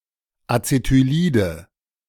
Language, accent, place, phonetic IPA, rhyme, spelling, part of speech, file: German, Germany, Berlin, [at͡setyˈliːdə], -iːdə, Acetylide, noun, De-Acetylide.ogg
- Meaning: nominative/accusative/genitive plural of Acetylid